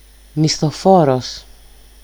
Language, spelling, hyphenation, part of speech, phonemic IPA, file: Greek, μισθοφόρος, μι‧σθο‧φό‧ρος, noun, /misθoˈfoɾos/, El-μισθοφόρος.ogg
- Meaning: mercenary soldier